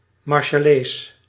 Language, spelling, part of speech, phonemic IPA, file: Dutch, Marshallees, adjective / noun / proper noun, /mɑrʃɑˈleːs/, Nl-Marshallees.ogg
- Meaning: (adjective) 1. in, from or relating to the Micronesian island state Marshall Islands 2. belonging or relating to the people of those islands 3. in or relating to their language